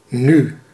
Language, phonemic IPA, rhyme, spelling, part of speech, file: Dutch, /ny/, -y, nu, adverb / conjunction / noun, Nl-nu.ogg
- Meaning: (adverb) 1. now, at the present moment 2. now, this time (indicating a certain amount of impatience); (conjunction) now (that); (noun) 1. the present 2. n (letter of the Greek alphabet)